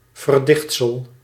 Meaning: fabrication, constructed falsehood
- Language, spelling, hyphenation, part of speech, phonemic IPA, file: Dutch, verdichtsel, ver‧dicht‧sel, noun, /vərˈdɪxt.səl/, Nl-verdichtsel.ogg